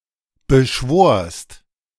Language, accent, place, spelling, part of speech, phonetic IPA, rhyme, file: German, Germany, Berlin, beschworst, verb, [bəˈʃvoːɐ̯st], -oːɐ̯st, De-beschworst.ogg
- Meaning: second-person singular preterite of beschwören